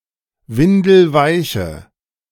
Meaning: inflection of windelweich: 1. strong/mixed nominative/accusative feminine singular 2. strong nominative/accusative plural 3. weak nominative all-gender singular
- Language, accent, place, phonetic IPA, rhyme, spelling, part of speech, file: German, Germany, Berlin, [ˈvɪndl̩ˈvaɪ̯çə], -aɪ̯çə, windelweiche, adjective, De-windelweiche.ogg